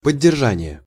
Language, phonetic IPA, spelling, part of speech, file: Russian, [pədʲːɪrˈʐanʲɪje], поддержание, noun, Ru-поддержание.ogg
- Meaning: maintenance, maintaining, support; keeping up